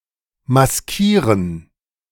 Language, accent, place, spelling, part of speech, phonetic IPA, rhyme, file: German, Germany, Berlin, maskieren, verb, [masˈkiːʁən], -iːʁən, De-maskieren.ogg
- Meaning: to mask